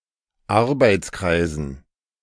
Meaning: dative plural of Arbeitskreis
- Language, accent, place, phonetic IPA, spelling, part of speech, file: German, Germany, Berlin, [ˈaʁbaɪ̯t͡sˌkʁaɪ̯zn̩], Arbeitskreisen, noun, De-Arbeitskreisen.ogg